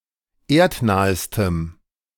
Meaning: strong dative masculine/neuter singular superlative degree of erdnah
- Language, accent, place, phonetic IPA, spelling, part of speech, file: German, Germany, Berlin, [ˈeːɐ̯tˌnaːəstəm], erdnahestem, adjective, De-erdnahestem.ogg